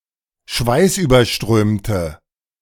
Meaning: inflection of schweißüberströmt: 1. strong/mixed nominative/accusative feminine singular 2. strong nominative/accusative plural 3. weak nominative all-gender singular
- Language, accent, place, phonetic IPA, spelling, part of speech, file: German, Germany, Berlin, [ˈʃvaɪ̯sʔyːbɐˌʃtʁøːmtə], schweißüberströmte, adjective, De-schweißüberströmte.ogg